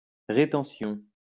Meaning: 1. retention 2. withholding
- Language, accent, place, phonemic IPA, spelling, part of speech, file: French, France, Lyon, /ʁe.tɑ̃.sjɔ̃/, rétention, noun, LL-Q150 (fra)-rétention.wav